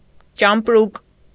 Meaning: suitcase; trunk
- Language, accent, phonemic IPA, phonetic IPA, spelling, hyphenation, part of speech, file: Armenian, Eastern Armenian, /t͡ʃɑmpˈɾuk/, [t͡ʃɑmpɾúk], ճամպրուկ, ճամպ‧րուկ, noun, Hy-ճամպրուկ.ogg